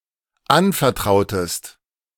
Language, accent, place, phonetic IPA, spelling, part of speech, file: German, Germany, Berlin, [ˈanfɛɐ̯ˌtʁaʊ̯təst], anvertrautest, verb, De-anvertrautest.ogg
- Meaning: inflection of anvertrauen: 1. second-person singular dependent preterite 2. second-person singular dependent subjunctive II